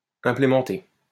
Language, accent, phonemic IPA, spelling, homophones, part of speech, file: French, France, /ɛ̃.ple.mɑ̃.te/, implémenté, implémentai / implémentée / implémentées / implémentés / implémenter / implémentez, verb / adjective, LL-Q150 (fra)-implémenté.wav
- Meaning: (verb) past participle of implémenter; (adjective) implemented